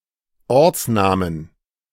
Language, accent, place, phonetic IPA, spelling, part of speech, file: German, Germany, Berlin, [ˈɔʁt͡sˌnaːmən], Ortsnamen, noun, De-Ortsnamen.ogg
- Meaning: 1. genitive singular of Ortsname 2. plural of Ortsname